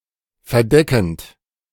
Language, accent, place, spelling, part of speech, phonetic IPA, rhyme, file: German, Germany, Berlin, verdeckend, verb, [fɛɐ̯ˈdɛkn̩t], -ɛkn̩t, De-verdeckend.ogg
- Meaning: present participle of verdecken